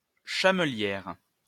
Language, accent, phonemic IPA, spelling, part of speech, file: French, France, /ʃa.mə.ljɛʁ/, chamelière, noun, LL-Q150 (fra)-chamelière.wav
- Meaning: female equivalent of chamelier